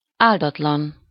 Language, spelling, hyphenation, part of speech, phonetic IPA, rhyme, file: Hungarian, áldatlan, ál‧dat‧lan, adjective, [ˈaːldɒtlɒn], -ɒn, Hu-áldatlan.ogg
- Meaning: unfortunate, unblessed